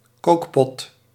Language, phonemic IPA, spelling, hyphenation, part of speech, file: Dutch, /ˈkoːk.pɔt/, kookpot, kook‧pot, noun, Nl-kookpot.ogg
- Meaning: a cooking pot